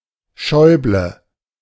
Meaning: a surname
- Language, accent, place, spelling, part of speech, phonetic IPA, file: German, Germany, Berlin, Schäuble, proper noun, [ˈʃɔɪ̯blə], De-Schäuble.ogg